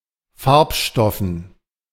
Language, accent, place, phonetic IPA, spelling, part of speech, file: German, Germany, Berlin, [ˈfaʁpˌʃtɔfn̩], Farbstoffen, noun, De-Farbstoffen.ogg
- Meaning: dative plural of Farbstoff